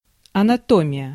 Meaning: anatomy
- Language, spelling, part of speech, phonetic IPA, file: Russian, анатомия, noun, [ɐnɐˈtomʲɪjə], Ru-анатомия.ogg